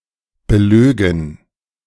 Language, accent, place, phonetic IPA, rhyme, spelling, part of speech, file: German, Germany, Berlin, [bəˈløːɡn̩], -øːɡn̩, belögen, verb, De-belögen.ogg
- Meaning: first-person plural subjunctive II of belügen